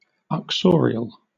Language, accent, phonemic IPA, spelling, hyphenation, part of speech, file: English, Southern England, /ʌkˈsɔː.ɹɪ.əl/, uxorial, ux‧or‧i‧al, adjective, LL-Q1860 (eng)-uxorial.wav
- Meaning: 1. Of or pertaining to a wife, or her genes or relatives 2. Devoted to one's wife; uxorious